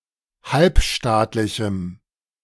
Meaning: strong dative masculine/neuter singular of halbstaatlich
- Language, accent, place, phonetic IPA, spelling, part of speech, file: German, Germany, Berlin, [ˈhalpˌʃtaːtlɪçm̩], halbstaatlichem, adjective, De-halbstaatlichem.ogg